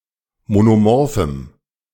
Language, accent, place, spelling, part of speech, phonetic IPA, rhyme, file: German, Germany, Berlin, monomorphem, adjective, [monoˈmɔʁfm̩], -ɔʁfm̩, De-monomorphem.ogg
- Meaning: strong dative masculine/neuter singular of monomorph